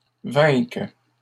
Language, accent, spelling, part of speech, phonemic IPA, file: French, Canada, vainques, verb, /vɛ̃k/, LL-Q150 (fra)-vainques.wav
- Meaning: second-person singular present subjunctive of vaincre